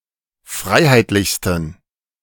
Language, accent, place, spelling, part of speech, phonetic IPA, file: German, Germany, Berlin, freiheitlichsten, adjective, [ˈfʁaɪ̯haɪ̯tlɪçstn̩], De-freiheitlichsten.ogg
- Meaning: 1. superlative degree of freiheitlich 2. inflection of freiheitlich: strong genitive masculine/neuter singular superlative degree